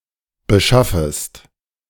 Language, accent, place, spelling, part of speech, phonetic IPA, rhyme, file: German, Germany, Berlin, beschaffest, verb, [bəˈʃafəst], -afəst, De-beschaffest.ogg
- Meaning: second-person singular subjunctive I of beschaffen